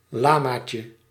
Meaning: diminutive of lama
- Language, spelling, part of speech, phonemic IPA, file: Dutch, lamaatje, noun, /ˈlamacə/, Nl-lamaatje.ogg